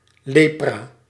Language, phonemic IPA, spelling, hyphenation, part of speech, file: Dutch, /ˈlepra/, lepra, le‧pra, noun, Nl-lepra.ogg
- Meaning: leprosy